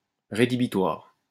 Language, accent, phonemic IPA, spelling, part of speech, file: French, France, /ʁe.di.bi.twaʁ/, rédhibitoire, adjective, LL-Q150 (fra)-rédhibitoire.wav
- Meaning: 1. crippling, prohibitive 2. sufficient (condition) for failing; inacceptable